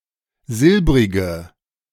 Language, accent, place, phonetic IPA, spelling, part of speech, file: German, Germany, Berlin, [ˈzɪlbʁɪɡə], silbrige, adjective, De-silbrige.ogg
- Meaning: inflection of silbrig: 1. strong/mixed nominative/accusative feminine singular 2. strong nominative/accusative plural 3. weak nominative all-gender singular 4. weak accusative feminine/neuter singular